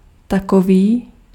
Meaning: such
- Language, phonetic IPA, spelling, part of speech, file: Czech, [ˈtakoviː], takový, determiner, Cs-takový.ogg